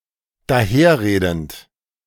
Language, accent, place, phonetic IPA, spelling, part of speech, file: German, Germany, Berlin, [daˈheːɐ̯ˌʁeːdn̩t], daherredend, verb, De-daherredend.ogg
- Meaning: present participle of daherreden